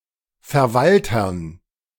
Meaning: dative plural of Verwalter
- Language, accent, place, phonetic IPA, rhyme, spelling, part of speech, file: German, Germany, Berlin, [fɛɐ̯ˈvaltɐn], -altɐn, Verwaltern, noun, De-Verwaltern.ogg